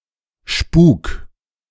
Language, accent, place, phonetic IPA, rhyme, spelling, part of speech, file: German, Germany, Berlin, [ʃpuːk], -uːk, spuk, verb, De-spuk.ogg
- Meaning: 1. singular imperative of spuken 2. first-person singular present of spuken